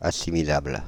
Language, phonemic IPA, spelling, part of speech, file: French, /a.si.mi.labl/, assimilable, adjective, Fr-assimilable.ogg
- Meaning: assimilable